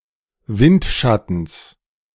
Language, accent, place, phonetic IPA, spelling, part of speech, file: German, Germany, Berlin, [ˈvɪntˌʃatn̩s], Windschattens, noun, De-Windschattens.ogg
- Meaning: genitive singular of Windschatten